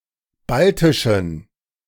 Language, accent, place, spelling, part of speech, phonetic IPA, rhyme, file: German, Germany, Berlin, baltischen, adjective, [ˈbaltɪʃn̩], -altɪʃn̩, De-baltischen.ogg
- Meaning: inflection of baltisch: 1. strong genitive masculine/neuter singular 2. weak/mixed genitive/dative all-gender singular 3. strong/weak/mixed accusative masculine singular 4. strong dative plural